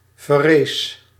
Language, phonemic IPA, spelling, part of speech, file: Dutch, /vɛˈres/, verrees, verb, Nl-verrees.ogg
- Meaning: singular past indicative of verrijzen